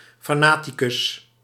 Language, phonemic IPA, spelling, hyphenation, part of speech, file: Dutch, /fɑˈnatiˌkʏs/, fanaticus, fa‧na‧ti‧cus, noun, Nl-fanaticus.ogg
- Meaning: a fanatic